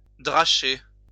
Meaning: to pour, rain hard, to chuck it down
- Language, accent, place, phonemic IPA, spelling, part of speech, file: French, France, Lyon, /dʁa.ʃe/, dracher, verb, LL-Q150 (fra)-dracher.wav